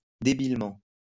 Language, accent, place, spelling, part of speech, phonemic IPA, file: French, France, Lyon, débilement, adverb, /de.bil.mɑ̃/, LL-Q150 (fra)-débilement.wav
- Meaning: 1. stupidly 2. despicably; lamentably